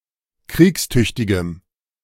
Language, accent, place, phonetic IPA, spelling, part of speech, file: German, Germany, Berlin, [ˈkʁiːksˌtʏçtɪɡəm], kriegstüchtigem, adjective, De-kriegstüchtigem.ogg
- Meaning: strong dative masculine/neuter singular of kriegstüchtig